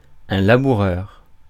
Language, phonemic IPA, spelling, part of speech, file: French, /la.bu.ʁœʁ/, laboureur, noun, Fr-laboureur.ogg
- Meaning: ploughman; plowman